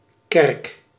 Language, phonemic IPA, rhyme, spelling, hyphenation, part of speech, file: Dutch, /kɛrk/, -ɛrk, kerk, kerk, noun, Nl-kerk.ogg
- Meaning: 1. church, house of Christian worship 2. church, confessional religious organization 3. church, temple, non-Christian house of worship